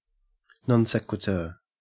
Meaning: 1. Any abrupt and inexplicable transition or occurrence 2. Any invalid argument in which the conclusion cannot be logically deduced from the premises
- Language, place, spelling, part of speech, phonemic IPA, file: English, Queensland, non sequitur, noun, /ˌnɔn ˈsek.wɪ.tə/, En-au-non sequitur.ogg